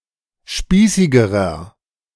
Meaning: inflection of spießig: 1. strong/mixed nominative masculine singular comparative degree 2. strong genitive/dative feminine singular comparative degree 3. strong genitive plural comparative degree
- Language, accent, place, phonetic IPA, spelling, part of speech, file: German, Germany, Berlin, [ˈʃpiːsɪɡəʁɐ], spießigerer, adjective, De-spießigerer.ogg